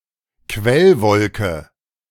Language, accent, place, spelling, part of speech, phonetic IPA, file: German, Germany, Berlin, Quellwolke, noun, [ˈkvɛlˌvɔlkə], De-Quellwolke.ogg
- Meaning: cumulus (a large white puffy cloud)